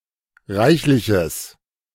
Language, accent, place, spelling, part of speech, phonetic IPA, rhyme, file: German, Germany, Berlin, reichliches, adjective, [ˈʁaɪ̯çlɪçəs], -aɪ̯çlɪçəs, De-reichliches.ogg
- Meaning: strong/mixed nominative/accusative neuter singular of reichlich